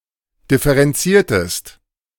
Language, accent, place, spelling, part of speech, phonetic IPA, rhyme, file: German, Germany, Berlin, differenziertest, verb, [ˌdɪfəʁɛnˈt͡siːɐ̯təst], -iːɐ̯təst, De-differenziertest.ogg
- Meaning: inflection of differenzieren: 1. second-person singular preterite 2. second-person singular subjunctive II